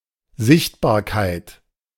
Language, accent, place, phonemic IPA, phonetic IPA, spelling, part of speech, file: German, Germany, Berlin, /ˈzɪçtbaːɐ̯kaɪ̯t/, [ˈzɪçtʰbaːɐ̯kʰaɪ̯tʰ], Sichtbarkeit, noun, De-Sichtbarkeit.ogg
- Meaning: 1. visibility 2. visibleness